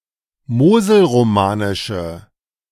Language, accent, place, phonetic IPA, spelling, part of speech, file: German, Germany, Berlin, [ˈmoːzl̩ʁoˌmaːnɪʃə], moselromanische, adjective, De-moselromanische.ogg
- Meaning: inflection of moselromanisch: 1. strong/mixed nominative/accusative feminine singular 2. strong nominative/accusative plural 3. weak nominative all-gender singular